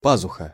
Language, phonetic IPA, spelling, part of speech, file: Russian, [ˈpazʊxə], пазуха, noun, Ru-пазуха.ogg
- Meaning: 1. bosom 2. sinus 3. axil